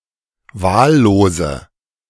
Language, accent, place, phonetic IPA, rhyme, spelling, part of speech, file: German, Germany, Berlin, [ˈvaːlloːzə], -aːlloːzə, wahllose, adjective, De-wahllose.ogg
- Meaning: inflection of wahllos: 1. strong/mixed nominative/accusative feminine singular 2. strong nominative/accusative plural 3. weak nominative all-gender singular 4. weak accusative feminine/neuter singular